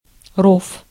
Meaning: ditch, moat, trench, fosse (defensive ditch)
- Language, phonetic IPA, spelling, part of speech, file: Russian, [rof], ров, noun, Ru-ров.ogg